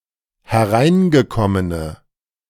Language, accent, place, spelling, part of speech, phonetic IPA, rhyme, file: German, Germany, Berlin, hereingekommene, adjective, [hɛˈʁaɪ̯nɡəˌkɔmənə], -aɪ̯nɡəkɔmənə, De-hereingekommene.ogg
- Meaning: inflection of hereingekommen: 1. strong/mixed nominative/accusative feminine singular 2. strong nominative/accusative plural 3. weak nominative all-gender singular